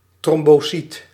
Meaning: thrombocyte, platelet
- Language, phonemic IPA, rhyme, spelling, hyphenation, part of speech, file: Dutch, /ˌtrɔm.boːˈsit/, -it, trombocyt, trom‧bo‧cyt, noun, Nl-trombocyt.ogg